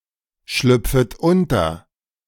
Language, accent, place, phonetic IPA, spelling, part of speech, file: German, Germany, Berlin, [ˌʃlʏp͡fət ˈʊntɐ], schlüpfet unter, verb, De-schlüpfet unter.ogg
- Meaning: second-person plural subjunctive I of unterschlüpfen